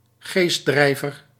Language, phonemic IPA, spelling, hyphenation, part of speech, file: Dutch, /ˈɣeːs(t)ˌdrɛi̯.vər/, geestdrijver, geest‧drij‧ver, noun, Nl-geestdrijver.ogg
- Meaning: 1. a zealot who purports to be guided by a deity, in particular by the Holy Spirit; originally used of Protestant sectaries who insisted on leadership by the Holy Spirit 2. a demagogue or agitator